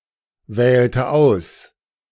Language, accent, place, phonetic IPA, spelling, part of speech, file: German, Germany, Berlin, [ˌvɛːltə ˈaʊ̯s], wählte aus, verb, De-wählte aus.ogg
- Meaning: inflection of auswählen: 1. first/third-person singular preterite 2. first/third-person singular subjunctive II